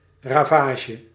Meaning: havoc, damage
- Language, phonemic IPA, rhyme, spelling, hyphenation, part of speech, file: Dutch, /ˌraːˈvaː.ʒə/, -aːʒə, ravage, ra‧va‧ge, noun, Nl-ravage.ogg